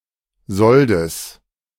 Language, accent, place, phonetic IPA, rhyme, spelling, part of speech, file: German, Germany, Berlin, [ˈzɔldəs], -ɔldəs, Soldes, noun, De-Soldes.ogg
- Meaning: genitive of Sold